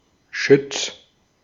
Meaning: contactor
- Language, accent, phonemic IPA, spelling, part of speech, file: German, Austria, /ʃʏt͡s/, Schütz, noun, De-at-Schütz.ogg